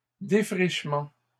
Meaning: plural of défrichement
- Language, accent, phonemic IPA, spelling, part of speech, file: French, Canada, /de.fʁiʃ.mɑ̃/, défrichements, noun, LL-Q150 (fra)-défrichements.wav